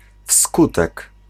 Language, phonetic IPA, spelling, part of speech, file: Polish, [ˈfskutɛk], wskutek, preposition, Pl-wskutek.ogg